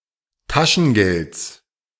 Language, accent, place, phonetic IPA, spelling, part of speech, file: German, Germany, Berlin, [ˈtaʃn̩ˌɡɛlt͡s], Taschengelds, noun, De-Taschengelds.ogg
- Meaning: genitive singular of Taschengeld